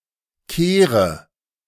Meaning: inflection of kehren: 1. first-person singular present 2. singular imperative 3. first/third-person singular subjunctive I
- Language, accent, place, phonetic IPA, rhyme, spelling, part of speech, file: German, Germany, Berlin, [ˈkeːʁə], -eːʁə, kehre, verb, De-kehre.ogg